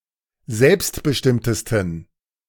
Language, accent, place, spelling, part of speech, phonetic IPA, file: German, Germany, Berlin, selbstbestimmtesten, adjective, [ˈzɛlpstbəˌʃtɪmtəstn̩], De-selbstbestimmtesten.ogg
- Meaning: 1. superlative degree of selbstbestimmt 2. inflection of selbstbestimmt: strong genitive masculine/neuter singular superlative degree